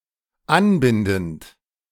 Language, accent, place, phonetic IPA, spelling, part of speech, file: German, Germany, Berlin, [ˈanˌbɪndn̩t], anbindend, verb, De-anbindend.ogg
- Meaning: present participle of anbinden